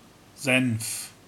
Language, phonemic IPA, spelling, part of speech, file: German, /zɛnf/, Senf, noun, De-Senf.ogg
- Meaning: mustard